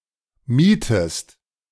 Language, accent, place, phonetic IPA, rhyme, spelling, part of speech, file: German, Germany, Berlin, [ˈmiːtəst], -iːtəst, mietest, verb, De-mietest.ogg
- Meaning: inflection of mieten: 1. second-person singular present 2. second-person singular subjunctive I